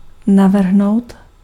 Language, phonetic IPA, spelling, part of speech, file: Czech, [ˈnavr̩ɦnou̯t], navrhnout, verb, Cs-navrhnout.ogg
- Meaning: 1. to suggest, to propose 2. to design